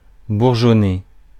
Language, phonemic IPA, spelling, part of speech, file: French, /buʁ.ʒɔ.ne/, bourgeonner, verb, Fr-bourgeonner.ogg
- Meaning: 1. to bud (of plant, to sprout buds) 2. to granulate; to have pimples, spots